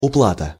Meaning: payment
- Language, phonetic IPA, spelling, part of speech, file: Russian, [ʊˈpɫatə], уплата, noun, Ru-уплата.ogg